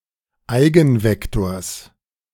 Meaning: genitive singular of Eigenvektor
- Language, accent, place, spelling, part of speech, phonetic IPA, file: German, Germany, Berlin, Eigenvektors, noun, [ˈaɪ̯ɡn̩ˌvɛktoːɐ̯s], De-Eigenvektors.ogg